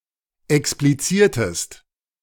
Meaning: inflection of explizieren: 1. second-person singular preterite 2. second-person singular subjunctive II
- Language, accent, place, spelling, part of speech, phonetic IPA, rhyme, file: German, Germany, Berlin, expliziertest, verb, [ɛkspliˈt͡siːɐ̯təst], -iːɐ̯təst, De-expliziertest.ogg